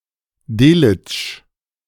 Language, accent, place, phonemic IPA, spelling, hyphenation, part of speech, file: German, Germany, Berlin, /ˈdeːlɪt͡ʃ/, Delitzsch, De‧litzsch, proper noun, De-Delitzsch.ogg
- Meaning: 1. a surname 2. Delitzch (a town in Saxony, Germany)